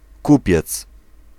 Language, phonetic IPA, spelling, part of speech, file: Polish, [ˈkupʲjɛt͡s], kupiec, noun, Pl-kupiec.ogg